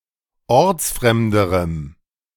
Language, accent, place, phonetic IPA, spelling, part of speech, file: German, Germany, Berlin, [ˈɔʁt͡sˌfʁɛmdəʁəm], ortsfremderem, adjective, De-ortsfremderem.ogg
- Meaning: strong dative masculine/neuter singular comparative degree of ortsfremd